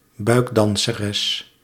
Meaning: female belly dancer
- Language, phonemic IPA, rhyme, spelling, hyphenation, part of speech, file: Dutch, /ˈbœy̯k.dɑn.səˌrɛs/, -ɛs, buikdanseres, buik‧dan‧se‧res, noun, Nl-buikdanseres.ogg